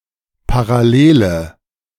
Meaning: inflection of parallel: 1. strong/mixed nominative/accusative feminine singular 2. strong nominative/accusative plural 3. weak nominative all-gender singular
- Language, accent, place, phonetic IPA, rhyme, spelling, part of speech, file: German, Germany, Berlin, [paʁaˈleːlə], -eːlə, parallele, adjective, De-parallele.ogg